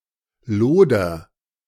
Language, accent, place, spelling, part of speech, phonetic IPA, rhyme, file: German, Germany, Berlin, loder, verb, [ˈloːdɐ], -oːdɐ, De-loder.ogg
- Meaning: inflection of lodern: 1. first-person singular present 2. singular imperative